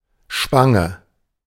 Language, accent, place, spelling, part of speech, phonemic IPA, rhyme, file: German, Germany, Berlin, Spange, noun, /ˈʃpaŋə/, -aŋə, De-Spange.ogg
- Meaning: 1. clasp, bracelet, brooch 2. hairpin 3. buckle 4. bar (military decoration)